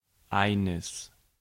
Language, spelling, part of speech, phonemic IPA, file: German, eines, numeral / article / pronoun, /ˈaɪ̯nəs/, De-eines.ogg
- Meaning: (numeral) genitive masculine/neuter singular of ein; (article) genitive masculine/neuter singular of ein: a, an; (pronoun) inflection of einer: strong nominative/accusative neuter singular